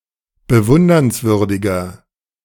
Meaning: 1. comparative degree of bewundernswürdig 2. inflection of bewundernswürdig: strong/mixed nominative masculine singular 3. inflection of bewundernswürdig: strong genitive/dative feminine singular
- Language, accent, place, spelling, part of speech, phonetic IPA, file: German, Germany, Berlin, bewundernswürdiger, adjective, [bəˈvʊndɐnsˌvʏʁdɪɡɐ], De-bewundernswürdiger.ogg